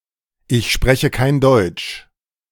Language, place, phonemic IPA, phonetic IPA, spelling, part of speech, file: German, Berlin, /ɪç ˈʃpʁɛçə kaɪ̯n ˈdɔʏ̯tʃ/, [ʔɪç ˈʃpʁɛçə kʰaɪ̯n ˈdɔʏ̯tʃ], ich spreche kein Deutsch, phrase, De-Ich spreche kein Deutsch..ogg
- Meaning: I don't speak German